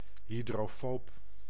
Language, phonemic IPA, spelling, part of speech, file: Dutch, /ɦidroːˈfoːp/, hydrofoob, adjective, Nl-hydrofoob.ogg
- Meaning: hydrophobic